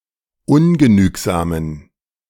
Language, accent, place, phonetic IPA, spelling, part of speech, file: German, Germany, Berlin, [ˈʊnɡəˌnyːkzaːmən], ungenügsamen, adjective, De-ungenügsamen.ogg
- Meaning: inflection of ungenügsam: 1. strong genitive masculine/neuter singular 2. weak/mixed genitive/dative all-gender singular 3. strong/weak/mixed accusative masculine singular 4. strong dative plural